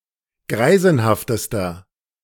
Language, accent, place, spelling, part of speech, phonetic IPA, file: German, Germany, Berlin, greisenhaftester, adjective, [ˈɡʁaɪ̯zn̩haftəstɐ], De-greisenhaftester.ogg
- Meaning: inflection of greisenhaft: 1. strong/mixed nominative masculine singular superlative degree 2. strong genitive/dative feminine singular superlative degree 3. strong genitive plural superlative degree